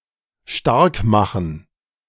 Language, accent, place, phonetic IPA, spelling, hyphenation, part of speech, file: German, Germany, Berlin, [ˈʃtaʁkˌmaxn̩], starkmachen, stark‧ma‧chen, verb, De-starkmachen.ogg
- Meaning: 1. to strengthen 2. to support, advocate for